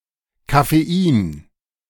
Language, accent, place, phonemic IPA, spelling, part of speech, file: German, Germany, Berlin, /kafeˈiːn/, Kaffein, noun, De-Kaffein.ogg
- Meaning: obsolete form of Koffein